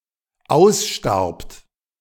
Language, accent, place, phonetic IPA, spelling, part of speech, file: German, Germany, Berlin, [ˈaʊ̯sˌʃtaʁpt], ausstarbt, verb, De-ausstarbt.ogg
- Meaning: second-person plural dependent preterite of aussterben